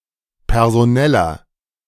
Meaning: inflection of personell: 1. strong/mixed nominative masculine singular 2. strong genitive/dative feminine singular 3. strong genitive plural
- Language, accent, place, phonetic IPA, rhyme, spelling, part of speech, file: German, Germany, Berlin, [pɛʁzoˈnɛlɐ], -ɛlɐ, personeller, adjective, De-personeller.ogg